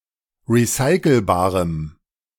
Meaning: strong dative masculine/neuter singular of recycelbar
- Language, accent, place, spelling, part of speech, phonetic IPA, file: German, Germany, Berlin, recycelbarem, adjective, [ʁiˈsaɪ̯kl̩baːʁəm], De-recycelbarem.ogg